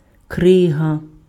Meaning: 1. ice 2. block of ice
- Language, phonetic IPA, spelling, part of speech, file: Ukrainian, [ˈkrɪɦɐ], крига, noun, Uk-крига.ogg